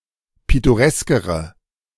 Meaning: inflection of pittoresk: 1. strong/mixed nominative/accusative feminine singular comparative degree 2. strong nominative/accusative plural comparative degree
- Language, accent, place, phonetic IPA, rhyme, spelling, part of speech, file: German, Germany, Berlin, [ˌpɪtoˈʁɛskəʁə], -ɛskəʁə, pittoreskere, adjective, De-pittoreskere.ogg